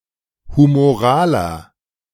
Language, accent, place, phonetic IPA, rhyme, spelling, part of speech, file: German, Germany, Berlin, [humoˈʁaːlɐ], -aːlɐ, humoraler, adjective, De-humoraler.ogg
- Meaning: inflection of humoral: 1. strong/mixed nominative masculine singular 2. strong genitive/dative feminine singular 3. strong genitive plural